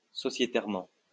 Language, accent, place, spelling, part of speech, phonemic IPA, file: French, France, Lyon, sociétairement, adverb, /sɔ.sje.tɛʁ.mɑ̃/, LL-Q150 (fra)-sociétairement.wav
- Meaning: With regard to an association or corporation